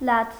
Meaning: crying, weeping
- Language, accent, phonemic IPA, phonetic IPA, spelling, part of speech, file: Armenian, Eastern Armenian, /lɑt͡sʰ/, [lɑt͡sʰ], լաց, noun, Hy-լաց.ogg